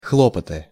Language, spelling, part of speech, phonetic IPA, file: Russian, хлопоты, noun, [ˈxɫopətɨ], Ru-хлопоты.ogg
- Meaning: 1. trouble, efforts 2. care (of someone)